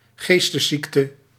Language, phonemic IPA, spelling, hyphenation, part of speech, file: Dutch, /ˈɣeːs.təˌsik.tə/, geestesziekte, gees‧tes‧ziek‧te, noun, Nl-geestesziekte.ogg
- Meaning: mental illness